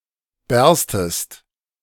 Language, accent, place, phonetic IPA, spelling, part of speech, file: German, Germany, Berlin, [ˈbɛʁstəst], berstest, verb, De-berstest.ogg
- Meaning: second-person singular subjunctive I of bersten